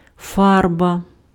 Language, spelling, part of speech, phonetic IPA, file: Ukrainian, фарба, noun, [ˈfarbɐ], Uk-фарба.ogg
- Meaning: 1. paint; dye 2. color